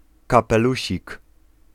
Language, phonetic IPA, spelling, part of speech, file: Polish, [ˌkapɛˈluɕik], kapelusik, noun, Pl-kapelusik.ogg